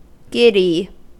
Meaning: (adjective) 1. Feeling a sense of spinning in the head, causing a perception of unsteadiness and being about to fall down; dizzy 2. Causing or likely to cause dizziness or a feeling of unsteadiness
- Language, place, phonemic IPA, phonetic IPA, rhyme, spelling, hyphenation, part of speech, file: English, California, /ˈɡɪd.i/, [ˈɡɪɾ.i], -ɪdi, giddy, gid‧dy, adjective / noun / verb, En-us-giddy.ogg